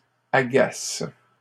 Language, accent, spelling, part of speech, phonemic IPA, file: French, Canada, agacent, verb, /a.ɡas/, LL-Q150 (fra)-agacent.wav
- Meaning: third-person plural present indicative/subjunctive of agacer